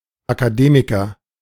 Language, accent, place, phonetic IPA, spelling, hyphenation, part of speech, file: German, Germany, Berlin, [akaˈdeːmɪkɐ], Akademiker, Aka‧de‧mi‧ker, noun, De-Akademiker.ogg
- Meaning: 1. academic, university graduate (person with a university degree of male or unspecified sex) 2. academic (a member of an academy, college, or university)